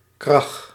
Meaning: stock exchange crash
- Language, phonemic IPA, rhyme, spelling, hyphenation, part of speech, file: Dutch, /krɑx/, -ɑx, krach, krach, noun, Nl-krach.ogg